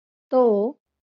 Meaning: he (singular)
- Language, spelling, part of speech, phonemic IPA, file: Marathi, तो, pronoun, /t̪o/, LL-Q1571 (mar)-तो.wav